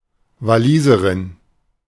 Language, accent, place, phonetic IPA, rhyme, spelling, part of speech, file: German, Germany, Berlin, [vaˈliːzəʁɪn], -iːzəʁɪn, Waliserin, noun, De-Waliserin.ogg
- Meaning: Welshwoman